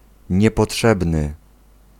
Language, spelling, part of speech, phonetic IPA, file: Polish, niepotrzebny, adjective, [ˌɲɛpɔˈṭʃɛbnɨ], Pl-niepotrzebny.ogg